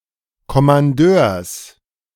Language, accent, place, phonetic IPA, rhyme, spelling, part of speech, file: German, Germany, Berlin, [kɔmanˈdøːɐ̯s], -øːɐ̯s, Kommandeurs, noun, De-Kommandeurs.ogg
- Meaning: genitive singular of Kommandeur